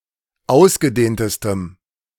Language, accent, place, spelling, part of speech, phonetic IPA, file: German, Germany, Berlin, ausgedehntestem, adjective, [ˈaʊ̯sɡəˌdeːntəstəm], De-ausgedehntestem.ogg
- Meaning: strong dative masculine/neuter singular superlative degree of ausgedehnt